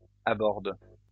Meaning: inflection of aborder: 1. first/third-person singular present indicative/subjunctive 2. second-person singular imperative
- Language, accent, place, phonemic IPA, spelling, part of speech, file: French, France, Lyon, /a.bɔʁd/, aborde, verb, LL-Q150 (fra)-aborde.wav